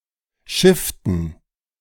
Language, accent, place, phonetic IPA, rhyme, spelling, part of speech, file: German, Germany, Berlin, [ˈʃɪftn̩], -ɪftn̩, schifften, verb, De-schifften.ogg
- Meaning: inflection of schiffen: 1. first/third-person plural preterite 2. first/third-person plural subjunctive II